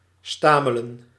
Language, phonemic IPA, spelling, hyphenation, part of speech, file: Dutch, /ˈstaː.mə.lə(n)/, stamelen, sta‧me‧len, verb, Nl-stamelen.ogg
- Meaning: to stammer, stutter